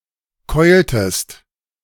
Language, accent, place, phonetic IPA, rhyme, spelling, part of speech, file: German, Germany, Berlin, [ˈkɔɪ̯ltəst], -ɔɪ̯ltəst, keultest, verb, De-keultest.ogg
- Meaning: inflection of keulen: 1. second-person singular preterite 2. second-person singular subjunctive II